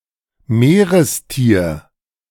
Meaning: marine animal
- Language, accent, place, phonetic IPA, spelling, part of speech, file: German, Germany, Berlin, [ˈmeːʁəsˌtiːɐ̯], Meerestier, noun, De-Meerestier.ogg